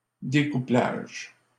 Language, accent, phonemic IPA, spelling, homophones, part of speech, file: French, Canada, /de.ku.plaʒ/, découplage, découplages, noun, LL-Q150 (fra)-découplage.wav
- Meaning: decoupling